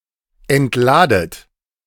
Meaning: inflection of entladen: 1. second-person plural present 2. second-person plural subjunctive I 3. plural imperative
- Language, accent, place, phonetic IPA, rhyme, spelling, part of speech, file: German, Germany, Berlin, [ɛntˈlaːdət], -aːdət, entladet, verb, De-entladet.ogg